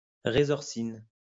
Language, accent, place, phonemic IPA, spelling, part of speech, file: French, France, Lyon, /ʁe.zɔʁ.sin/, résorcine, noun, LL-Q150 (fra)-résorcine.wav
- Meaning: resorcinol